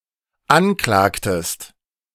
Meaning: inflection of anklagen: 1. second-person singular dependent preterite 2. second-person singular dependent subjunctive II
- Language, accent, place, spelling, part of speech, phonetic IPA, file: German, Germany, Berlin, anklagtest, verb, [ˈanˌklaːktəst], De-anklagtest.ogg